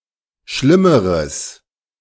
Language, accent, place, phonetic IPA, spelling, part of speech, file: German, Germany, Berlin, [ˈʃlɪməʁəs], schlimmeres, adjective, De-schlimmeres.ogg
- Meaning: strong/mixed nominative/accusative neuter singular comparative degree of schlimm